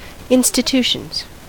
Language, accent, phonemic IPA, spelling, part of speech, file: English, US, /ˌɪn.stɪˈtu.ʃənz/, institutions, noun, En-us-institutions.ogg
- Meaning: plural of institution